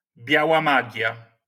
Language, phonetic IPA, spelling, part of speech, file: Polish, [ˈbʲjawa ˈmaɟja], biała magia, noun, LL-Q809 (pol)-biała magia.wav